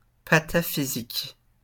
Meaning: pataphysics (absurdist philosophy)
- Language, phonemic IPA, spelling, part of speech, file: French, /pa.ta.fi.zik/, pataphysique, noun, LL-Q150 (fra)-pataphysique.wav